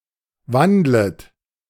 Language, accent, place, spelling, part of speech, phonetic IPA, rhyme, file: German, Germany, Berlin, wandlet, verb, [ˈvandlət], -andlət, De-wandlet.ogg
- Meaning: second-person plural subjunctive I of wandeln